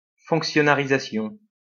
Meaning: establishment as a civil servant
- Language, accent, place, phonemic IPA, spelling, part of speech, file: French, France, Lyon, /fɔ̃k.sjɔ.na.ʁi.za.sjɔ̃/, fonctionnarisation, noun, LL-Q150 (fra)-fonctionnarisation.wav